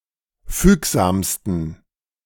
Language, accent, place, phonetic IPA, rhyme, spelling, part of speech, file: German, Germany, Berlin, [ˈfyːkzaːmstn̩], -yːkzaːmstn̩, fügsamsten, adjective, De-fügsamsten.ogg
- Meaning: 1. superlative degree of fügsam 2. inflection of fügsam: strong genitive masculine/neuter singular superlative degree